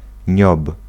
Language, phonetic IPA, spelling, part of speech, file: Polish, [ɲɔp], niob, noun, Pl-niob.ogg